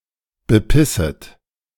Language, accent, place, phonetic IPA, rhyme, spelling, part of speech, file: German, Germany, Berlin, [bəˈpɪsət], -ɪsət, bepisset, verb, De-bepisset.ogg
- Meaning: second-person plural subjunctive I of bepissen